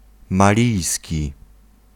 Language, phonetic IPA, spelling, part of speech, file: Polish, [maˈlʲijsʲci], malijski, adjective, Pl-malijski.ogg